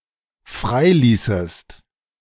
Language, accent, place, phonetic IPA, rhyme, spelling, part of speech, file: German, Germany, Berlin, [ˈfʁaɪ̯ˌliːsəst], -aɪ̯liːsəst, freiließest, verb, De-freiließest.ogg
- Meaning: second-person singular dependent subjunctive II of freilassen